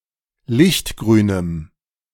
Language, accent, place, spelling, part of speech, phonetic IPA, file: German, Germany, Berlin, lichtgrünem, adjective, [ˈlɪçtˌɡʁyːnəm], De-lichtgrünem.ogg
- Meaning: strong dative masculine/neuter singular of lichtgrün